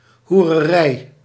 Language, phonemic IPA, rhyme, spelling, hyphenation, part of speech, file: Dutch, /ˌɦu.rəˈrɛi̯/, -ɛi̯, hoererij, hoe‧re‧rij, noun, Nl-hoererij.ogg
- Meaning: 1. whoredom (sexual immorality; prostitution) 2. idolatry